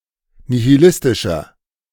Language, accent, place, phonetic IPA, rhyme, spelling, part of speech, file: German, Germany, Berlin, [nihiˈlɪstɪʃɐ], -ɪstɪʃɐ, nihilistischer, adjective, De-nihilistischer.ogg
- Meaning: 1. comparative degree of nihilistisch 2. inflection of nihilistisch: strong/mixed nominative masculine singular 3. inflection of nihilistisch: strong genitive/dative feminine singular